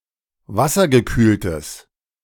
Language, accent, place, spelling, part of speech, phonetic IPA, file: German, Germany, Berlin, wassergekühltes, adjective, [ˈvasɐɡəˌkyːltəs], De-wassergekühltes.ogg
- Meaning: strong/mixed nominative/accusative neuter singular of wassergekühlt